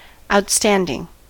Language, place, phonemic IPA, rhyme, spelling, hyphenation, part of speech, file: English, California, /ˌaʊtˈstæn.dɪŋ/, -ændɪŋ, outstanding, out‧stan‧ding, verb / adjective, En-us-outstanding.ogg
- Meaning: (verb) present participle and gerund of outstand; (adjective) 1. Prominent or noticeable; sovereign 2. Exceptionally good; distinguished from others by its superiority 3. Projecting outwards